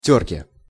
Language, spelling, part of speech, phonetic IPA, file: Russian, тёрке, noun, [ˈtʲɵrkʲe], Ru-тёрке.ogg
- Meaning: dative/prepositional singular of тёрка (tjórka)